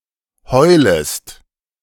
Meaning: second-person singular subjunctive I of heulen
- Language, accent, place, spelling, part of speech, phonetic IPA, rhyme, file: German, Germany, Berlin, heulest, verb, [ˈhɔɪ̯ləst], -ɔɪ̯ləst, De-heulest.ogg